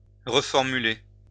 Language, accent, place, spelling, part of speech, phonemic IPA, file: French, France, Lyon, reformuler, verb, /ʁə.fɔʁ.my.le/, LL-Q150 (fra)-reformuler.wav
- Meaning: 1. to reword, to rephrase 2. to reformulate